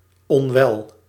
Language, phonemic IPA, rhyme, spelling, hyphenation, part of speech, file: Dutch, /ɔnˈʋɛl/, -ɛl, onwel, on‧wel, adjective, Nl-onwel.ogg
- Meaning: sick, unhealthy